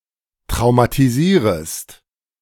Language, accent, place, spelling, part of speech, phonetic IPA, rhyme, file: German, Germany, Berlin, traumatisierest, verb, [tʁaʊ̯matiˈziːʁəst], -iːʁəst, De-traumatisierest.ogg
- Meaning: second-person singular subjunctive I of traumatisieren